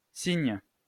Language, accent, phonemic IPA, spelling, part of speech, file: French, France, /siɲ/, Cygne, proper noun, LL-Q150 (fra)-Cygne.wav
- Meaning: Cygnus